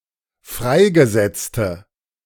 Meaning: inflection of freigesetzt: 1. strong/mixed nominative/accusative feminine singular 2. strong nominative/accusative plural 3. weak nominative all-gender singular
- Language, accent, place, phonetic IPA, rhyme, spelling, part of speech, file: German, Germany, Berlin, [ˈfʁaɪ̯ɡəˌzɛt͡stə], -aɪ̯ɡəzɛt͡stə, freigesetzte, adjective, De-freigesetzte.ogg